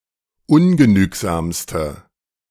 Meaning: inflection of ungenügsam: 1. strong/mixed nominative/accusative feminine singular superlative degree 2. strong nominative/accusative plural superlative degree
- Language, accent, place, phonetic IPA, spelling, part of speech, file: German, Germany, Berlin, [ˈʊnɡəˌnyːkzaːmstə], ungenügsamste, adjective, De-ungenügsamste.ogg